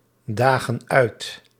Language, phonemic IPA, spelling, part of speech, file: Dutch, /ˈdaɣə(n) ˈœyt/, dagen uit, verb, Nl-dagen uit.ogg
- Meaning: inflection of uitdagen: 1. plural present indicative 2. plural present subjunctive